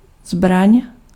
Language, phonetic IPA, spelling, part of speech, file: Czech, [ˈzbraɲ], zbraň, noun, Cs-zbraň.ogg
- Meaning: weapon